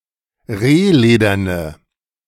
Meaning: inflection of rehledern: 1. strong/mixed nominative/accusative feminine singular 2. strong nominative/accusative plural 3. weak nominative all-gender singular
- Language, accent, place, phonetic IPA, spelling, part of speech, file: German, Germany, Berlin, [ˈʁeːˌleːdɐnə], rehlederne, adjective, De-rehlederne.ogg